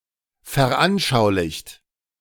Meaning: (verb) past participle of veranschaulichen; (adjective) 1. exemplified 2. illustrated 3. displayed
- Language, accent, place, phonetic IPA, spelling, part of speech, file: German, Germany, Berlin, [fɛɐ̯ˈʔanʃaʊ̯lɪçt], veranschaulicht, verb, De-veranschaulicht.ogg